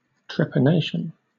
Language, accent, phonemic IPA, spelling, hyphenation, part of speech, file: English, Southern England, /tɹɛpəˈneɪʃən/, trepanation, trep‧a‧na‧tion, noun, LL-Q1860 (eng)-trepanation.wav
- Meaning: The practice of drilling a hole in the skull as a physical, mental, or spiritual treatment